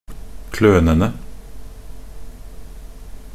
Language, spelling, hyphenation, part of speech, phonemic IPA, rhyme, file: Norwegian Bokmål, klønene, klø‧ne‧ne, noun, /ˈkløːnənə/, -ənə, Nb-klønene.ogg
- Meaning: definite plural of kløne